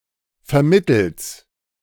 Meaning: synonym of mittels
- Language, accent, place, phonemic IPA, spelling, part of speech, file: German, Germany, Berlin, /fɛɐ̯ˈmɪtəls/, vermittels, preposition, De-vermittels.ogg